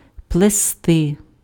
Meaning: to braid, to plait
- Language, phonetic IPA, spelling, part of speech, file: Ukrainian, [pɫeˈstɪ], плести, verb, Uk-плести.ogg